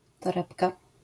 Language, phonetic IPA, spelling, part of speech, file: Polish, [tɔˈrɛpka], torebka, noun, LL-Q809 (pol)-torebka.wav